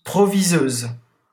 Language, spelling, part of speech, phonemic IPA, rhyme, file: French, proviseuse, noun, /pʁɔ.vi.zøz/, -øz, LL-Q150 (fra)-proviseuse.wav
- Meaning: female equivalent of proviseur